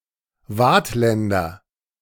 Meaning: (noun) Vaudois (native or inhabitant of Vaud, a canton of Switzerland); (adjective) of Vaud
- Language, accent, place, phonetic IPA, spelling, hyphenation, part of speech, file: German, Germany, Berlin, [ˈvaːtˌlɛndɐ], Waadtländer, Waadt‧län‧der, noun / adjective, De-Waadtländer.ogg